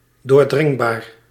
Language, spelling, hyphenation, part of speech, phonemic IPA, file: Dutch, doordringbaar, door‧dring‧baar, adjective, /ˌdoːrˈdrɪŋ.baːr/, Nl-doordringbaar.ogg
- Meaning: penetrable, accessible, assailable